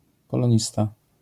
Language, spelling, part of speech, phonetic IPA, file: Polish, polonista, noun, [ˌpɔlɔ̃ˈɲista], LL-Q809 (pol)-polonista.wav